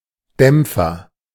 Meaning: 1. dampener 2. cushion 3. muffler 4. check 5. silencer 6. deadener 7. soft pedal (piano) 8. mute 9. bumper
- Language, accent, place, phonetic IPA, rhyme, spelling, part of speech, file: German, Germany, Berlin, [ˈdɛmp͡fɐ], -ɛmp͡fɐ, Dämpfer, noun, De-Dämpfer.ogg